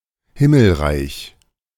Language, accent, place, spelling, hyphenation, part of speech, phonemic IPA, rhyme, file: German, Germany, Berlin, Himmelreich, Him‧mel‧reich, noun, /ˈhɪml̩ˌʁaɪ̯ç/, -aɪ̯ç, De-Himmelreich.ogg
- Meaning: 1. Kingdom of Heaven 2. clipping of schlesisches Himmelreich (“Silesian kingdom of heaven: a dish of pork, dried fruit, and cinnamon”)